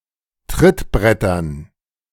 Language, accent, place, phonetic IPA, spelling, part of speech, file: German, Germany, Berlin, [ˈtʁɪtˌbʁɛtɐn], Trittbrettern, noun, De-Trittbrettern.ogg
- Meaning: dative plural of Trittbrett